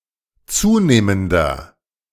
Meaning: inflection of zunehmend: 1. strong/mixed nominative masculine singular 2. strong genitive/dative feminine singular 3. strong genitive plural
- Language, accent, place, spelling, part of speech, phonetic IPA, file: German, Germany, Berlin, zunehmender, adjective, [ˈt͡suːneːməndɐ], De-zunehmender.ogg